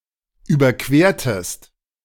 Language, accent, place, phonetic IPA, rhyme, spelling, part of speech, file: German, Germany, Berlin, [ˌyːbɐˈkveːɐ̯təst], -eːɐ̯təst, überquertest, verb, De-überquertest.ogg
- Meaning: inflection of überqueren: 1. second-person singular preterite 2. second-person singular subjunctive II